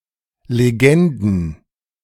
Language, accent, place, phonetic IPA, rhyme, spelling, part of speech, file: German, Germany, Berlin, [leˈɡɛndn̩], -ɛndn̩, Legenden, noun, De-Legenden.ogg
- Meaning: plural of Legende